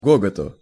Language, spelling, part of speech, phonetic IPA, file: Russian, гоготу, noun, [ˈɡoɡətʊ], Ru-гоготу.ogg
- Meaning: dative/partitive singular of го́гот (gógot)